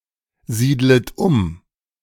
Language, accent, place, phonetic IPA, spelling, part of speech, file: German, Germany, Berlin, [ˌziːdlət ˈʊm], siedlet um, verb, De-siedlet um.ogg
- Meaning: second-person plural subjunctive I of umsiedeln